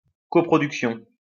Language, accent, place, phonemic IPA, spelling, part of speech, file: French, France, Lyon, /kɔ.pʁɔ.dyk.sjɔ̃/, coproduction, noun, LL-Q150 (fra)-coproduction.wav
- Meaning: coproduction